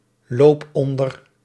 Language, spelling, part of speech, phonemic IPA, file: Dutch, loop onder, verb, /ˈlop ˈɔndər/, Nl-loop onder.ogg
- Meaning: inflection of onderlopen: 1. first-person singular present indicative 2. second-person singular present indicative 3. imperative